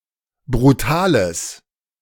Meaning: strong/mixed nominative/accusative neuter singular of brutal
- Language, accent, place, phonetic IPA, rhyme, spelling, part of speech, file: German, Germany, Berlin, [bʁuˈtaːləs], -aːləs, brutales, adjective, De-brutales.ogg